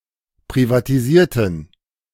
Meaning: inflection of privatisieren: 1. first/third-person plural preterite 2. first/third-person plural subjunctive II
- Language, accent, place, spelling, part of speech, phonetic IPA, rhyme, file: German, Germany, Berlin, privatisierten, adjective / verb, [pʁivatiˈziːɐ̯tn̩], -iːɐ̯tn̩, De-privatisierten.ogg